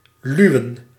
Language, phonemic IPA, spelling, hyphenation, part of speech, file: Dutch, /ˈlyu̯ə(n)/, luwen, lu‧wen, verb, Nl-luwen.ogg
- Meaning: to subside, to lull